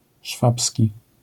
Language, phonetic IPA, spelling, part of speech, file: Polish, [ˈʃfapsʲci], szwabski, adjective, LL-Q809 (pol)-szwabski.wav